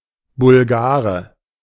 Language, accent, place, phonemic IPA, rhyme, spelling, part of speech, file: German, Germany, Berlin, /bʊlˈɡaːʁə/, -aːʁə, Bulgare, noun, De-Bulgare.ogg
- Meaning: Bulgarian (male native of Bulgaria)